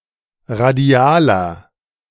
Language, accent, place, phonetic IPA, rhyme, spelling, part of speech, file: German, Germany, Berlin, [ʁaˈdi̯aːlɐ], -aːlɐ, radialer, adjective, De-radialer.ogg
- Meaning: inflection of radial: 1. strong/mixed nominative masculine singular 2. strong genitive/dative feminine singular 3. strong genitive plural